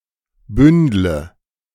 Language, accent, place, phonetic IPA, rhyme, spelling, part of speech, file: German, Germany, Berlin, [ˈbʏndlə], -ʏndlə, bündle, verb, De-bündle.ogg
- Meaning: inflection of bündeln: 1. first-person singular present 2. first/third-person singular subjunctive I 3. singular imperative